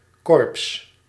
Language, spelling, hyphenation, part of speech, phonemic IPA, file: Dutch, korps, korps, noun, /kɔrps/, Nl-korps.ogg
- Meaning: 1. a military corps: type of unit characterized by equipment, employment, traditions etc 2. a military corps: name of a (high) echelon 3. an organized body of persons, notably hierarchical